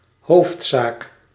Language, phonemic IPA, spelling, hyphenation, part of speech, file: Dutch, /ˈɦoːftsak/, hoofdzaak, hoofd‧zaak, noun, Nl-hoofdzaak.ogg
- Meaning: matter of primary importance or priority